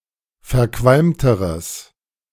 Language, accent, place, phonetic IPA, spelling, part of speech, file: German, Germany, Berlin, [fɛɐ̯ˈkvalmtəʁəs], verqualmteres, adjective, De-verqualmteres.ogg
- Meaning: strong/mixed nominative/accusative neuter singular comparative degree of verqualmt